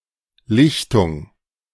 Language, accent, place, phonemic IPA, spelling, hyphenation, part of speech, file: German, Germany, Berlin, /ˈlɪçtʊŋ/, Lichtung, Lich‧tung, noun, De-Lichtung.ogg
- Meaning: clearing